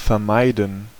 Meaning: to avoid (something happening, doing something)
- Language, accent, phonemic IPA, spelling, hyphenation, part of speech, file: German, Germany, /fɛɐ̯ˈmaɪ̯dən/, vermeiden, ver‧mei‧den, verb, De-vermeiden.ogg